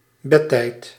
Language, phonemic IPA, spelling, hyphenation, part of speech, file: Dutch, /ˈbɛ.tɛi̯t/, bedtijd, bed‧tijd, noun, Nl-bedtijd.ogg
- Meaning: bedtime